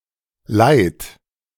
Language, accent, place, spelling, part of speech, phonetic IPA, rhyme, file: German, Germany, Berlin, leiht, verb, [laɪ̯t], -aɪ̯t, De-leiht.ogg
- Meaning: inflection of leihen: 1. third-person singular present 2. second-person plural present 3. plural imperative